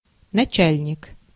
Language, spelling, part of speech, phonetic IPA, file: Russian, начальник, noun, [nɐˈt͡ɕælʲnʲɪk], Ru-начальник.ogg
- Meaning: chief, boss, superior, master, principal, commander